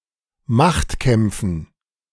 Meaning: dative plural of Machtkampf
- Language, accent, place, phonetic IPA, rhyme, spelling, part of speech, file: German, Germany, Berlin, [ˈmaxtˌkɛmp͡fn̩], -axtkɛmp͡fn̩, Machtkämpfen, noun, De-Machtkämpfen.ogg